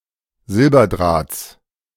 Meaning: genitive singular of Silberdraht
- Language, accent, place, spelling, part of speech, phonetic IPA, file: German, Germany, Berlin, Silberdrahts, noun, [ˈzɪlbɐˌdʁaːt͡s], De-Silberdrahts.ogg